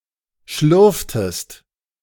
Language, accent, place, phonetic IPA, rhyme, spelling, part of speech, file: German, Germany, Berlin, [ˈʃlʏʁftəst], -ʏʁftəst, schlürftest, verb, De-schlürftest.ogg
- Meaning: inflection of schlürfen: 1. second-person singular preterite 2. second-person singular subjunctive II